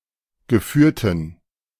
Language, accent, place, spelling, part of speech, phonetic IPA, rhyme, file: German, Germany, Berlin, geführten, adjective, [ɡəˈfyːɐ̯tn̩], -yːɐ̯tn̩, De-geführten.ogg
- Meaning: inflection of geführt: 1. strong genitive masculine/neuter singular 2. weak/mixed genitive/dative all-gender singular 3. strong/weak/mixed accusative masculine singular 4. strong dative plural